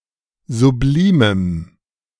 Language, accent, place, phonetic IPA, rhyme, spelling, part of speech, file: German, Germany, Berlin, [zuˈbliːməm], -iːməm, sublimem, adjective, De-sublimem.ogg
- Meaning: strong dative masculine/neuter singular of sublim